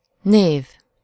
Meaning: 1. name 2. noun
- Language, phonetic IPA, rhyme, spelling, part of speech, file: Hungarian, [ˈneːv], -eːv, név, noun, Hu-név.ogg